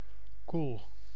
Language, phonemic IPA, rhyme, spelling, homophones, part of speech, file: Dutch, /kul/, -ul, koel, cool, adjective / verb, Nl-koel.ogg
- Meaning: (adjective) 1. cold, chilly (having a low temperature) 2. without warm feelings 3. cool, with an in-control image; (verb) inflection of koelen: first-person singular present indicative